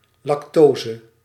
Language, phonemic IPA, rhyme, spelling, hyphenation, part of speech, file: Dutch, /ˌlɑkˈtoː.zə/, -oːzə, lactose, lac‧to‧se, noun, Nl-lactose.ogg
- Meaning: lactose